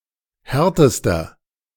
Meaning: inflection of hart: 1. strong/mixed nominative masculine singular superlative degree 2. strong genitive/dative feminine singular superlative degree 3. strong genitive plural superlative degree
- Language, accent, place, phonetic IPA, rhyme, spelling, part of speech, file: German, Germany, Berlin, [ˈhɛʁtəstɐ], -ɛʁtəstɐ, härtester, adjective, De-härtester.ogg